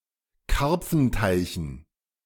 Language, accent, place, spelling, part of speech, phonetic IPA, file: German, Germany, Berlin, Karpfenteichen, noun, [ˈkaʁp͡fn̩taɪ̯çn̩], De-Karpfenteichen.ogg
- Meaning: dative plural of Karpfenteich